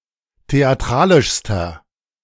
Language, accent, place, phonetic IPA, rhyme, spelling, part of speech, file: German, Germany, Berlin, [teaˈtʁaːlɪʃstɐ], -aːlɪʃstɐ, theatralischster, adjective, De-theatralischster.ogg
- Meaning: inflection of theatralisch: 1. strong/mixed nominative masculine singular superlative degree 2. strong genitive/dative feminine singular superlative degree 3. strong genitive plural superlative degree